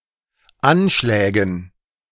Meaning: dative plural of Anschlag
- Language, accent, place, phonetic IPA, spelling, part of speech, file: German, Germany, Berlin, [ˈanˌʃlɛːɡŋ̍], Anschlägen, noun, De-Anschlägen.ogg